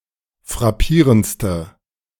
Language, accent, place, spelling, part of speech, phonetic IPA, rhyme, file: German, Germany, Berlin, frappierendste, adjective, [fʁaˈpiːʁənt͡stə], -iːʁənt͡stə, De-frappierendste.ogg
- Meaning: inflection of frappierend: 1. strong/mixed nominative/accusative feminine singular superlative degree 2. strong nominative/accusative plural superlative degree